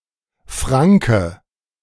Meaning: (noun) 1. Franconian (person from the German region of Franconia (Franken), northern Bavaria) 2. Frank, Franconian (member of the Germanic tribe, male or unspecified sex)
- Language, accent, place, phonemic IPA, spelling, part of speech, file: German, Germany, Berlin, /ˈfʁaŋkə/, Franke, noun / proper noun, De-Franke.ogg